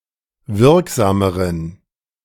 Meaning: inflection of wirksam: 1. strong genitive masculine/neuter singular comparative degree 2. weak/mixed genitive/dative all-gender singular comparative degree
- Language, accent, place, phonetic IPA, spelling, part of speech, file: German, Germany, Berlin, [ˈvɪʁkˌzaːməʁən], wirksameren, adjective, De-wirksameren.ogg